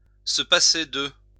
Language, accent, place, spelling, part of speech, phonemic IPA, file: French, France, Lyon, se passer de, verb, /sə pa.se də/, LL-Q150 (fra)-se passer de.wav
- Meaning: to do without, dispense with